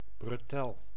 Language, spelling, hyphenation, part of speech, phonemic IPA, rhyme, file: Dutch, bretel, bre‧tel, noun, /brəˈtɛl/, -ɛl, Nl-bretel.ogg
- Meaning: suspender (US), brace (UK)